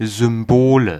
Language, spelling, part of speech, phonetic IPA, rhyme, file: German, Symbole, noun, [zʏmˈboːlə], -oːlə, De-Symbole.ogg
- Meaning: nominative/accusative/genitive plural of Symbol